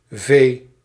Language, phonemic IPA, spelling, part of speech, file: Dutch, /veː/, V, character, Nl-V.ogg
- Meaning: the twenty-second letter of the Dutch alphabet